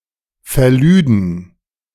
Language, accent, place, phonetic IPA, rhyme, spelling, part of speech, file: German, Germany, Berlin, [fɛɐ̯ˈlyːdn̩], -yːdn̩, verlüden, verb, De-verlüden.ogg
- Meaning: first/third-person plural subjunctive II of verladen